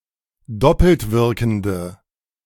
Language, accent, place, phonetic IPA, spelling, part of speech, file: German, Germany, Berlin, [ˈdɔpl̩tˌvɪʁkn̩də], doppeltwirkende, adjective, De-doppeltwirkende.ogg
- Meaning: inflection of doppeltwirkend: 1. strong/mixed nominative/accusative feminine singular 2. strong nominative/accusative plural 3. weak nominative all-gender singular